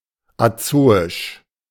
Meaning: azoic
- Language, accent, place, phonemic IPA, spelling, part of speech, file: German, Germany, Berlin, /aˈt͡soːɪʃ/, azoisch, adjective, De-azoisch.ogg